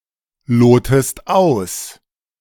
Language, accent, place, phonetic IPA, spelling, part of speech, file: German, Germany, Berlin, [ˌloːtəst ˈaʊ̯s], lotest aus, verb, De-lotest aus.ogg
- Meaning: inflection of ausloten: 1. second-person singular present 2. second-person singular subjunctive I